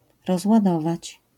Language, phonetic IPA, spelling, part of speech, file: Polish, [ˌrɔzwaˈdɔvat͡ɕ], rozładować, verb, LL-Q809 (pol)-rozładować.wav